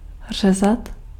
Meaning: 1. to cut (to perform an incision, for example with a knife) 2. to saw (with a saw) 3. to beat (someone, a person)
- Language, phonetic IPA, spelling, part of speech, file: Czech, [ˈr̝ɛzat], řezat, verb, Cs-řezat.ogg